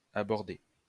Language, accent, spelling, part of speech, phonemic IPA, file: French, France, abordé, verb, /a.bɔʁ.de/, LL-Q150 (fra)-abordé.wav
- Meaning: past participle of aborder